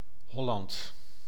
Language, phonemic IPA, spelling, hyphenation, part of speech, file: Dutch, /ˈɦɔlɑnt/, Holland, Hol‧land, proper noun, Nl-Holland.ogg
- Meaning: 1. Holland (a historical province of the Netherlands) 2. Holland, the Netherlands (a country in Western Europe) 3. the Netherlands as a whole